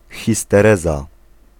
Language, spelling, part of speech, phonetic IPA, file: Polish, histereza, noun, [ˌxʲistɛˈrɛza], Pl-histereza.ogg